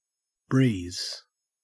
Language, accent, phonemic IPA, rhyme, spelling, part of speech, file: English, Australia, /bɹiːz/, -iːz, breeze, noun / verb, En-au-breeze.ogg
- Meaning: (noun) 1. A light, gentle wind 2. Any activity that is easy, not testing or difficult 3. Wind blowing across a cricket match, whatever its strength